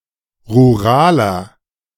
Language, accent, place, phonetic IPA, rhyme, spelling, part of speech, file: German, Germany, Berlin, [ʁuˈʁaːlɐ], -aːlɐ, ruraler, adjective, De-ruraler.ogg
- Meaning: 1. comparative degree of rural 2. inflection of rural: strong/mixed nominative masculine singular 3. inflection of rural: strong genitive/dative feminine singular